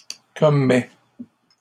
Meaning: inflection of commettre: 1. first/second-person singular present indicative 2. second-person singular imperative
- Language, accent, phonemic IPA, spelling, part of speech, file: French, Canada, /kɔ.mɛ/, commets, verb, LL-Q150 (fra)-commets.wav